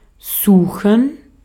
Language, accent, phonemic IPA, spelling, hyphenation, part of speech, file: German, Austria, /ˈzuːxən/, suchen, su‧chen, verb, De-at-suchen.ogg
- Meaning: 1. to search, to look for 2. to seek, to strive, to intend, to try